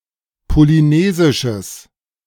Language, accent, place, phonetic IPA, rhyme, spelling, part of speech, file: German, Germany, Berlin, [poliˈneːzɪʃəs], -eːzɪʃəs, polynesisches, adjective, De-polynesisches.ogg
- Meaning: strong/mixed nominative/accusative neuter singular of polynesisch